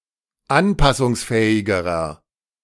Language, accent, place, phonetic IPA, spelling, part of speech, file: German, Germany, Berlin, [ˈanpasʊŋsˌfɛːɪɡəʁɐ], anpassungsfähigerer, adjective, De-anpassungsfähigerer.ogg
- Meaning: inflection of anpassungsfähig: 1. strong/mixed nominative masculine singular comparative degree 2. strong genitive/dative feminine singular comparative degree